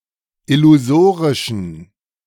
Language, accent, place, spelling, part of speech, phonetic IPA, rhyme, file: German, Germany, Berlin, illusorischen, adjective, [ɪluˈzoːʁɪʃn̩], -oːʁɪʃn̩, De-illusorischen.ogg
- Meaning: inflection of illusorisch: 1. strong genitive masculine/neuter singular 2. weak/mixed genitive/dative all-gender singular 3. strong/weak/mixed accusative masculine singular 4. strong dative plural